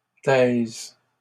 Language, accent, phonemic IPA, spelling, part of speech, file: French, Canada, /tɛz/, taise, verb, LL-Q150 (fra)-taise.wav
- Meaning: first/third-person singular present subjunctive of taire